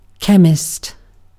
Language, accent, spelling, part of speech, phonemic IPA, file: English, UK, chemist, noun, /ˈkɛmɪst/, En-uk-chemist.ogg
- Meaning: 1. A person who specializes in the science of chemistry, especially at a professional level 2. Synonym of pharmacist 3. Synonym of pharmacy, especially as a standalone shop or general store